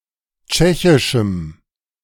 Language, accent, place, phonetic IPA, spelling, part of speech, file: German, Germany, Berlin, [ˈt͡ʃɛçɪʃm̩], tschechischem, adjective, De-tschechischem.ogg
- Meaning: strong dative masculine/neuter singular of tschechisch